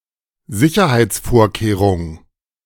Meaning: security measure, safeguard
- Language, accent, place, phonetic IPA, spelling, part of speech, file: German, Germany, Berlin, [ˈzɪçɐhaɪ̯t͡sˌfoːɐ̯keːʁʊŋ], Sicherheitsvorkehrung, noun, De-Sicherheitsvorkehrung.ogg